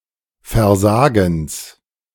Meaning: genitive singular of Versagen
- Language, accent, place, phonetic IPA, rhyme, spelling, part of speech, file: German, Germany, Berlin, [fɛɐ̯ˈzaːɡn̩s], -aːɡn̩s, Versagens, noun, De-Versagens.ogg